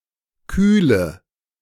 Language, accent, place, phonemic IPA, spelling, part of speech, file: German, Germany, Berlin, /ˈkyːlə/, kühle, adjective / verb, De-kühle.ogg
- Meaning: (adjective) inflection of kühl: 1. strong/mixed nominative/accusative feminine singular 2. strong nominative/accusative plural 3. weak nominative all-gender singular